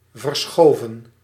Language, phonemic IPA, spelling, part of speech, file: Dutch, /vərˈsxoːvə(n)/, verschoven, verb, Nl-verschoven.ogg
- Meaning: 1. inflection of verschuiven: plural past indicative 2. inflection of verschuiven: plural past subjunctive 3. to sheafify 4. past participle of verschuiven